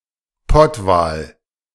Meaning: sperm whale
- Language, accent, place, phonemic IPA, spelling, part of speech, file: German, Germany, Berlin, /ˈpɔtvaːl/, Pottwal, noun, De-Pottwal.ogg